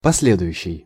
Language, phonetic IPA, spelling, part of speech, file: Russian, [pɐs⁽ʲ⁾ˈlʲedʊjʉɕːɪj], последующий, adjective, Ru-последующий.ogg
- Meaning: following, subsequent